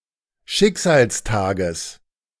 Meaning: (noun) genitive singular of Schicksalstag
- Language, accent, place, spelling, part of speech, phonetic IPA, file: German, Germany, Berlin, Schicksalstages, noun, [ˈʃɪkzaːlsˌtaːɡəs], De-Schicksalstages.ogg